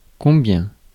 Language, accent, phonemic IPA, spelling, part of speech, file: French, France, /kɔ̃.bjɛ̃/, combien, adverb, Fr-combien.ogg
- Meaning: 1. how much (for uncountable nouns and portions) 2. how much (for money) 3. how many (with countable nouns)